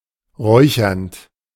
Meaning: present participle of räuchern
- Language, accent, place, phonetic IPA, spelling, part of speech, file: German, Germany, Berlin, [ˈʁɔɪ̯çɐnt], räuchernd, verb, De-räuchernd.ogg